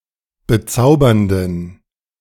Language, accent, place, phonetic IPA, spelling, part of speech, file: German, Germany, Berlin, [bəˈt͡saʊ̯bɐndn̩], bezaubernden, adjective, De-bezaubernden.ogg
- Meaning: inflection of bezaubernd: 1. strong genitive masculine/neuter singular 2. weak/mixed genitive/dative all-gender singular 3. strong/weak/mixed accusative masculine singular 4. strong dative plural